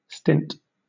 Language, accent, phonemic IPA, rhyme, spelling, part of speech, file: English, Southern England, /stɪnt/, -ɪnt, stint, verb / noun, LL-Q1860 (eng)-stint.wav
- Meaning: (verb) 1. To stop (an action); cease, desist 2. To stop speaking or talking (of a subject) 3. To be sparing or mean 4. To restrain within certain limits; to bound; to restrict to a scant allowance